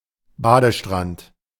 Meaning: bathing beach
- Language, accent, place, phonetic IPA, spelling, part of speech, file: German, Germany, Berlin, [ˈbaːdəˌʃtʁant], Badestrand, noun, De-Badestrand.ogg